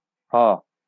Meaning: The 43rd character in the Bengali abugida
- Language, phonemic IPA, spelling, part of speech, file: Bengali, /hɔ/, হ, character, LL-Q9610 (ben)-হ.wav